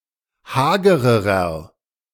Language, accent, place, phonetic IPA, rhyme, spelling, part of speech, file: German, Germany, Berlin, [ˈhaːɡəʁəʁɐ], -aːɡəʁəʁɐ, hagererer, adjective, De-hagererer.ogg
- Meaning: inflection of hager: 1. strong/mixed nominative masculine singular comparative degree 2. strong genitive/dative feminine singular comparative degree 3. strong genitive plural comparative degree